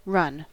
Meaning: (verb) To move swiftly.: 1. To move forward quickly upon two feet by alternately making a short jump off either foot 2. To go at a fast pace; to move quickly
- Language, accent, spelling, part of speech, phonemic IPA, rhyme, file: English, US, run, verb / noun / adjective, /ɹʌn/, -ʌn, En-us-run.ogg